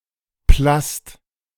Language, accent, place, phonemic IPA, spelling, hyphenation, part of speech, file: German, Germany, Berlin, /plast/, Plast, Plast, noun, De-Plast.ogg
- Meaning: plastic